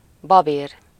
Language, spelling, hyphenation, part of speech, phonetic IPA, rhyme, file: Hungarian, babér, ba‧bér, noun, [ˈbɒbeːr], -eːr, Hu-babér.ogg
- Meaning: laurel, bay